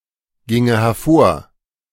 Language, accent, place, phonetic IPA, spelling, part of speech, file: German, Germany, Berlin, [ˌɡɪŋə hɛɐ̯ˈfoːɐ̯], ginge hervor, verb, De-ginge hervor.ogg
- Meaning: first/third-person singular subjunctive II of hervorgehen